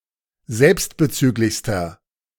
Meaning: inflection of selbstbezüglich: 1. strong/mixed nominative masculine singular superlative degree 2. strong genitive/dative feminine singular superlative degree
- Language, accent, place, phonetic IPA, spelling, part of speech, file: German, Germany, Berlin, [ˈzɛlpstbəˌt͡syːklɪçstɐ], selbstbezüglichster, adjective, De-selbstbezüglichster.ogg